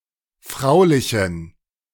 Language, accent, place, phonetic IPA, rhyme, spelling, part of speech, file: German, Germany, Berlin, [ˈfʁaʊ̯lɪçn̩], -aʊ̯lɪçn̩, fraulichen, adjective, De-fraulichen.ogg
- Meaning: inflection of fraulich: 1. strong genitive masculine/neuter singular 2. weak/mixed genitive/dative all-gender singular 3. strong/weak/mixed accusative masculine singular 4. strong dative plural